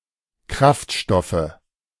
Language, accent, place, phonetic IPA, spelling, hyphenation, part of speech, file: German, Germany, Berlin, [ˈkʁaftˌʃtɔfə], Kraftstoffe, Kraft‧stof‧fe, noun, De-Kraftstoffe.ogg
- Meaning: nominative/accusative/genitive plural of Kraftstoff